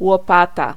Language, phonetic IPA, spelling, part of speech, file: Polish, [wɔˈpata], łopata, noun, Pl-łopata.ogg